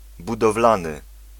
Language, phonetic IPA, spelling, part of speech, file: Polish, [ˌbudɔvˈlãnɨ], budowlany, adjective / noun, Pl-budowlany.ogg